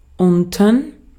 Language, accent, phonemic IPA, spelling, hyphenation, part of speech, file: German, Austria, /ˈʊntn̩/, unten, un‧ten, adverb, De-at-unten.ogg
- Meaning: 1. below 2. south 3. at a later point in a text